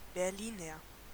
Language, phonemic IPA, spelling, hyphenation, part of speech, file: German, /bɛʁˈliːnɐ/, Berliner, Ber‧li‧ner, noun / adjective, De-Berliner.ogg
- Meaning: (noun) Berliner (male or of unspecified sex) (a native or inhabitant of Berlin); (adjective) of Berlin; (noun) Berliner (a pastry similar to a doughnut (donut), with a sweet filling)